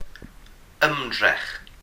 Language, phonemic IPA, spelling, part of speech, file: Welsh, /ˈəmdrɛχ/, ymdrech, noun, Cy-ymdrech.ogg
- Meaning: 1. effort, attempt 2. struggle, endeavour